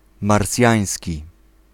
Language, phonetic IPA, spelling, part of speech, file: Polish, [marˈsʲjä̃j̃sʲci], marsjański, adjective, Pl-marsjański.ogg